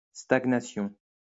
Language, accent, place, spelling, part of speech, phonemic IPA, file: French, France, Lyon, stagnation, noun, /staɡ.na.sjɔ̃/, LL-Q150 (fra)-stagnation.wav
- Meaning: stagnation